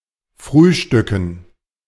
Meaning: dative plural of Frühstück
- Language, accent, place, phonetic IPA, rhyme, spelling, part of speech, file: German, Germany, Berlin, [ˈfʁyːˌʃtʏkn̩], -yːʃtʏkn̩, Frühstücken, noun, De-Frühstücken.ogg